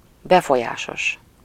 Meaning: influential
- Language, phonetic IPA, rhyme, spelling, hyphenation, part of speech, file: Hungarian, [ˈbɛfojaːʃoʃ], -oʃ, befolyásos, be‧fo‧lyá‧sos, adjective, Hu-befolyásos.ogg